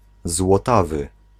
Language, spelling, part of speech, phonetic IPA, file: Polish, złotawy, adjective, [zwɔˈtavɨ], Pl-złotawy.ogg